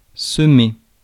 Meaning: 1. to sow (scatter seed, etc.) 2. to shake off, to lose (a pursuer) 3. to spread, to sow
- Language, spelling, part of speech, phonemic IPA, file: French, semer, verb, /sə.me/, Fr-semer.ogg